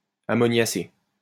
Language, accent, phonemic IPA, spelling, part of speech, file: French, France, /a.mɔ.nja.se/, ammoniacé, adjective, LL-Q150 (fra)-ammoniacé.wav
- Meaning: alternative form of ammoniaqué